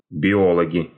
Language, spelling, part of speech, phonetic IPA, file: Russian, биологи, noun, [bʲɪˈoɫəɡʲɪ], Ru-биологи.ogg
- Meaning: nominative plural of био́лог (biólog)